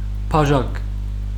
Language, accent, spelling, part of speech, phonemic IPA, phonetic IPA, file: Armenian, Western Armenian, բաժակ, noun, /pɑˈʒɑɡ/, [pʰɑʒɑ́ɡ], HyW-բաժակ.ogg
- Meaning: 1. glass, cup 2. calyx